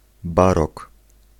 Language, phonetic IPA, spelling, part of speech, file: Polish, [ˈbarɔk], barok, noun, Pl-barok.ogg